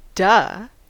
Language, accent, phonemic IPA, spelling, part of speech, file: English, US, /dʌ/, duh, interjection, En-us-duh.ogg
- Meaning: 1. A disdainful indication that something is obvious 2. An indication of mock stupidity 3. A nonsensical utterance by an individual about to go unconscious, especially if they're dizzy